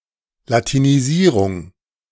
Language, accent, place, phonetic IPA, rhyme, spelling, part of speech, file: German, Germany, Berlin, [latiniˈziːʁʊŋ], -iːʁʊŋ, Latinisierung, noun, De-Latinisierung.ogg
- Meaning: Latinization